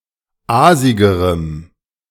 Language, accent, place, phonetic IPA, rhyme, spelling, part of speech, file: German, Germany, Berlin, [ˈaːzɪɡəʁəm], -aːzɪɡəʁəm, aasigerem, adjective, De-aasigerem.ogg
- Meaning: strong dative masculine/neuter singular comparative degree of aasig